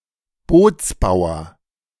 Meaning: boat maker, boat builder
- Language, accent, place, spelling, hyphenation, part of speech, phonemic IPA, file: German, Germany, Berlin, Bootsbauer, Boots‧bau‧er, noun, /ˈboːtsˌbaʊ̯ɐ/, De-Bootsbauer.ogg